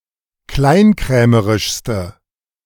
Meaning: inflection of kleinkrämerisch: 1. strong/mixed nominative/accusative feminine singular superlative degree 2. strong nominative/accusative plural superlative degree
- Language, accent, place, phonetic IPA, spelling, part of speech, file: German, Germany, Berlin, [ˈklaɪ̯nˌkʁɛːməʁɪʃstə], kleinkrämerischste, adjective, De-kleinkrämerischste.ogg